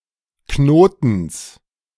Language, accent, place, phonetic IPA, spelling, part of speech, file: German, Germany, Berlin, [ˈknoːtn̩s], Knotens, noun, De-Knotens.ogg
- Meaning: genitive singular of Knoten